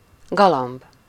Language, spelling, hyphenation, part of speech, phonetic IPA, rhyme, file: Hungarian, galamb, ga‧lamb, noun, [ˈɡɒlɒmb], -ɒmb, Hu-galamb.ogg
- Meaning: 1. dove, pigeon 2. lover, sweetheart (one who loves and cares for another person)